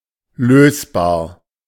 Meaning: solvable (e.g. a problem)
- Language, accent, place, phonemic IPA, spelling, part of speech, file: German, Germany, Berlin, /ˈløːsbaːɐ̯/, lösbar, adjective, De-lösbar.ogg